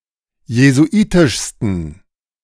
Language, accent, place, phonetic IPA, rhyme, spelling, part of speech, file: German, Germany, Berlin, [jezuˈʔiːtɪʃstn̩], -iːtɪʃstn̩, jesuitischsten, adjective, De-jesuitischsten.ogg
- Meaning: 1. superlative degree of jesuitisch 2. inflection of jesuitisch: strong genitive masculine/neuter singular superlative degree